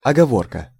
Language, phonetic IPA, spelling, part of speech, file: Russian, [ɐɡɐˈvorkə], оговорка, noun, Ru-оговорка.ogg
- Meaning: 1. reservation, proviso, stipulation, ifs 2. slip of the tongue 3. ifs, ands, or buts 4. caveat, clause, reservation, disclaimer